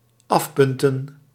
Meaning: 1. to check off 2. to point, to sharpen (of ends, butts, extremities) 3. to blunt
- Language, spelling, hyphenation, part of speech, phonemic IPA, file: Dutch, afpunten, af‧pun‧ten, verb, /ˈɑfˌpʏn.tə(n)/, Nl-afpunten.ogg